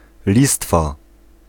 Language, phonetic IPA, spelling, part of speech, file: Polish, [ˈlʲistfa], listwa, noun, Pl-listwa.ogg